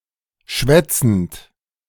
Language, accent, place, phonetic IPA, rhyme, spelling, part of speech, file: German, Germany, Berlin, [ˈʃvɛt͡sn̩t], -ɛt͡sn̩t, schwätzend, verb, De-schwätzend.ogg
- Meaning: present participle of schwätzen